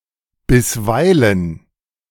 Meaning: sometimes, occasionally, from time to time, now and then
- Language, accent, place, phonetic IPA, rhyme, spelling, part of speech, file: German, Germany, Berlin, [bɪsˈvaɪ̯lən], -aɪ̯lən, bisweilen, adverb, De-bisweilen.ogg